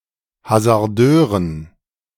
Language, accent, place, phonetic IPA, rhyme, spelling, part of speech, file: German, Germany, Berlin, [hazaʁˈdøːʁən], -øːʁən, Hasardeuren, noun, De-Hasardeuren.ogg
- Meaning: dative plural of Hasardeur